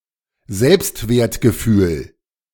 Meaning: self-esteem, self-worth
- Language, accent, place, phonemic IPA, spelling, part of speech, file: German, Germany, Berlin, /ˈzɛlpstveːɐ̯tɡəˌfyːl/, Selbstwertgefühl, noun, De-Selbstwertgefühl.ogg